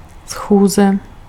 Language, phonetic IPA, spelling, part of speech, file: Czech, [ˈsxuːzɛ], schůze, noun, Cs-schůze.ogg
- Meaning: meeting